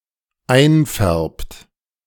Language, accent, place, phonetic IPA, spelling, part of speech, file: German, Germany, Berlin, [ˈaɪ̯nˌfɛʁpt], einfärbt, verb, De-einfärbt.ogg
- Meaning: inflection of einfärben: 1. third-person singular dependent present 2. second-person plural dependent present